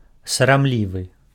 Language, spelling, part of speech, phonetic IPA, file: Belarusian, сарамлівы, adjective, [saramˈlʲivɨ], Be-сарамлівы.ogg
- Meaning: shy, bashful, socially reserved